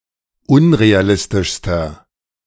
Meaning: inflection of unrealistisch: 1. strong/mixed nominative masculine singular superlative degree 2. strong genitive/dative feminine singular superlative degree
- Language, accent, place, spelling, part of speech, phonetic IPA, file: German, Germany, Berlin, unrealistischster, adjective, [ˈʊnʁeaˌlɪstɪʃstɐ], De-unrealistischster.ogg